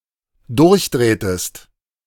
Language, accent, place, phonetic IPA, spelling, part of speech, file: German, Germany, Berlin, [ˈdʊʁçˌdʁeːtəst], durchdrehtest, verb, De-durchdrehtest.ogg
- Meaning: inflection of durchdrehen: 1. second-person singular dependent preterite 2. second-person singular dependent subjunctive II